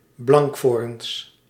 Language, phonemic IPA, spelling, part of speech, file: Dutch, /ˈblɑŋkforᵊns/, blankvoorns, noun, Nl-blankvoorns.ogg
- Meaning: plural of blankvoorn